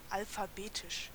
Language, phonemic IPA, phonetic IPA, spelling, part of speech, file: German, /ˌalfaˈbeːtɪʃ/, [ˌʔalfaˈbeːtʰɪʃ], alphabetisch, adjective, De-alphabetisch.ogg
- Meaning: alphabetical (in the sequence of the letters of the alphabet)